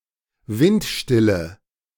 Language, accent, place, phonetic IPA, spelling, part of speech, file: German, Germany, Berlin, [ˈvɪntˌʃtɪlə], windstille, adjective, De-windstille.ogg
- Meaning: inflection of windstill: 1. strong/mixed nominative/accusative feminine singular 2. strong nominative/accusative plural 3. weak nominative all-gender singular